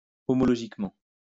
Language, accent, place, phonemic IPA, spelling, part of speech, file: French, France, Lyon, /ɔ.mɔ.lɔ.ʒik.mɑ̃/, homologiquement, adverb, LL-Q150 (fra)-homologiquement.wav
- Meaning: homologically